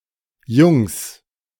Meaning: 1. plural of Junge 2. plural of Jung
- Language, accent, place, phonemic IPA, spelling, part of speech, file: German, Germany, Berlin, /jʊŋs/, Jungs, noun, De-Jungs.ogg